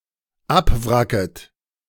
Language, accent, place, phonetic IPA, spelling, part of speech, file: German, Germany, Berlin, [ˈapˌvʁakət], abwracket, verb, De-abwracket.ogg
- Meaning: second-person plural dependent subjunctive I of abwracken